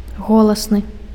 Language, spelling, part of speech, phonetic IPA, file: Belarusian, голасны, adjective, [ˈɣoɫasnɨ], Be-голасны.ogg
- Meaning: loud, loud-voiced